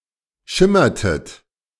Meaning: inflection of schimmern: 1. second-person plural preterite 2. second-person plural subjunctive II
- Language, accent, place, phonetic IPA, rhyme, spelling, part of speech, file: German, Germany, Berlin, [ˈʃɪmɐtət], -ɪmɐtət, schimmertet, verb, De-schimmertet.ogg